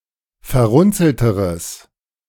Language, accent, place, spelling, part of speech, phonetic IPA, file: German, Germany, Berlin, verrunzelteres, adjective, [fɛɐ̯ˈʁʊnt͡sl̩təʁəs], De-verrunzelteres.ogg
- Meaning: strong/mixed nominative/accusative neuter singular comparative degree of verrunzelt